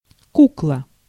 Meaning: 1. doll 2. puppet 3. fake money
- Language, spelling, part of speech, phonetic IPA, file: Russian, кукла, noun, [ˈkukɫə], Ru-кукла.ogg